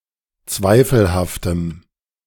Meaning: strong dative masculine/neuter singular of zweifelhaft
- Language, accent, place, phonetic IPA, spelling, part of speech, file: German, Germany, Berlin, [ˈt͡svaɪ̯fl̩haftəm], zweifelhaftem, adjective, De-zweifelhaftem.ogg